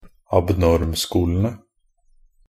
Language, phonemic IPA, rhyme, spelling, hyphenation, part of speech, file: Norwegian Bokmål, /abˈnɔrmskuːlənə/, -ənə, abnormskolene, ab‧norm‧sko‧le‧ne, noun, Nb-abnormskolene.ogg
- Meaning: definite plural of abnormskole